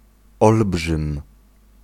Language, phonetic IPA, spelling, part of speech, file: Polish, [ˈɔlbʒɨ̃m], olbrzym, noun, Pl-olbrzym.ogg